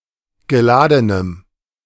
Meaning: strong dative masculine/neuter singular of geladen
- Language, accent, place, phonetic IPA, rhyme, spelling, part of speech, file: German, Germany, Berlin, [ɡəˈlaːdənəm], -aːdənəm, geladenem, adjective, De-geladenem.ogg